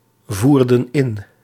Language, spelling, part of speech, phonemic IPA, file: Dutch, voerden in, verb, /ˈvurdə(n) ˈɪn/, Nl-voerden in.ogg
- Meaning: inflection of invoeren: 1. plural past indicative 2. plural past subjunctive